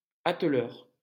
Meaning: the person who couples carriages together
- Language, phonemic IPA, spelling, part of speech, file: French, /at.lœʁ/, atteleur, noun, LL-Q150 (fra)-atteleur.wav